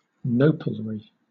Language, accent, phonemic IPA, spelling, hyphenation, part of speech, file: English, Southern England, /ˈnəʊp(ə)lɹi/, nopalry, no‧pal‧ry, noun, LL-Q1860 (eng)-nopalry.wav
- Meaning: Alternative spelling of nopalery